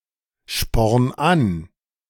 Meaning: 1. singular imperative of anspornen 2. first-person singular present of anspornen
- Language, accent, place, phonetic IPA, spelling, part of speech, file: German, Germany, Berlin, [ˌʃpɔʁn ˈan], sporn an, verb, De-sporn an.ogg